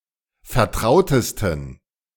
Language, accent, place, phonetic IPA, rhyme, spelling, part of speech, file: German, Germany, Berlin, [fɛɐ̯ˈtʁaʊ̯təstn̩], -aʊ̯təstn̩, vertrautesten, adjective, De-vertrautesten.ogg
- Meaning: 1. superlative degree of vertraut 2. inflection of vertraut: strong genitive masculine/neuter singular superlative degree